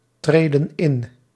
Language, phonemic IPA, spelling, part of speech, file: Dutch, /ˈtredə(n) ˈɪn/, treden in, verb, Nl-treden in.ogg
- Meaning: inflection of intreden: 1. plural present indicative 2. plural present subjunctive